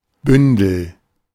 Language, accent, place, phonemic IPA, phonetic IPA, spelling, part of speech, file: German, Germany, Berlin, /ˈbʏndəl/, [ˈbʏndl̩], Bündel, noun, De-Bündel.ogg
- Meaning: bundle